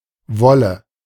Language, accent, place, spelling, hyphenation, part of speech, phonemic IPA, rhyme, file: German, Germany, Berlin, Wolle, Wol‧le, noun, /ˈvɔlə/, -ɔlə, De-Wolle.ogg
- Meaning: wool